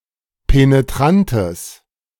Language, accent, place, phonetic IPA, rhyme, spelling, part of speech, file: German, Germany, Berlin, [peneˈtʁantəs], -antəs, penetrantes, adjective, De-penetrantes.ogg
- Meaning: strong/mixed nominative/accusative neuter singular of penetrant